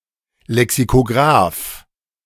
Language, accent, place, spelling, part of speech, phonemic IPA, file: German, Germany, Berlin, Lexikograf, noun, /lɛksikoˈɡʁaːf/, De-Lexikograf.ogg
- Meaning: lexicographer